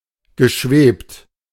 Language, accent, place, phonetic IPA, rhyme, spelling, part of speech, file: German, Germany, Berlin, [ɡəˈʃveːpt], -eːpt, geschwebt, verb, De-geschwebt.ogg
- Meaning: past participle of schweben